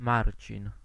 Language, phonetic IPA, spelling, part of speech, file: Polish, [ˈmarʲt͡ɕĩn], Marcin, proper noun, Pl-Marcin.ogg